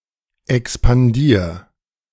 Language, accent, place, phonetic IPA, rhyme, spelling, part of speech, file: German, Germany, Berlin, [ɛkspanˈdiːɐ̯], -iːɐ̯, expandier, verb, De-expandier.ogg
- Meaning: 1. singular imperative of expandieren 2. first-person singular present of expandieren